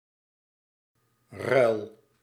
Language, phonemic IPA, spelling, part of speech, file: Dutch, /rœy̯l/, ruil, noun / verb, Nl-ruil.ogg
- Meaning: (noun) swap, exchange; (verb) inflection of ruilen: 1. first-person singular present indicative 2. second-person singular present indicative 3. imperative